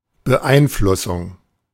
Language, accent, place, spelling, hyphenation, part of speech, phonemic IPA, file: German, Germany, Berlin, Beeinflussung, Be‧ein‧flus‧sung, noun, /bəˈʔaɪ̯nˌflʊsʊŋ/, De-Beeinflussung.ogg
- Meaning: 1. interference, manipulation 2. impact, influence